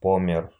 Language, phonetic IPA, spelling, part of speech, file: Russian, [ˈpomʲɪr], помер, verb, Ru-по́мер.ogg
- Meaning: masculine singular past indicative perfective of помере́ть (pomerétʹ)